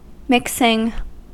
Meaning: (verb) present participle and gerund of mix; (noun) The act, or the result of making a mixture; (adjective) Of a stochastic process, to be asymptotically independent (in a precise mathematical sense)
- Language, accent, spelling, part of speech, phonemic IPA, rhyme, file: English, US, mixing, verb / noun / adjective, /ˈmɪksɪŋ/, -ɪksɪŋ, En-us-mixing.ogg